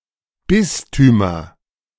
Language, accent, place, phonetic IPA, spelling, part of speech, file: German, Germany, Berlin, [ˈbɪstyːmɐ], Bistümer, noun, De-Bistümer.ogg
- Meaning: nominative/accusative/genitive plural of Bistum